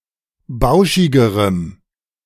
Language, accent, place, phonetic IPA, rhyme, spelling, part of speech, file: German, Germany, Berlin, [ˈbaʊ̯ʃɪɡəʁəm], -aʊ̯ʃɪɡəʁəm, bauschigerem, adjective, De-bauschigerem.ogg
- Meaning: strong dative masculine/neuter singular comparative degree of bauschig